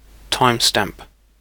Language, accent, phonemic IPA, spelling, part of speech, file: English, UK, /ˈtaɪmˌstæmp/, timestamp, noun / verb, En-uk-timestamp.ogg
- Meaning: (noun) 1. A variable containing the date and time at which an event occurred, often included in a log to track the sequence of events 2. The time at which something in a video occurs